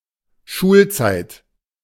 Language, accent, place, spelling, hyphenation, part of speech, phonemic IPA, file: German, Germany, Berlin, Schulzeit, Schul‧zeit, noun, /ˈʃuːlˌt͡saɪ̯t/, De-Schulzeit.ogg
- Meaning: 1. schooldays (period of a person's life when they go to school) 2. teaching time (part of the day or year when children go to school)